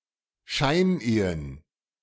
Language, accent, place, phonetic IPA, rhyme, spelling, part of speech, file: German, Germany, Berlin, [ˈʃaɪ̯nˌʔeːən], -aɪ̯nʔeːən, Scheinehen, noun, De-Scheinehen.ogg
- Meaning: plural of Scheinehe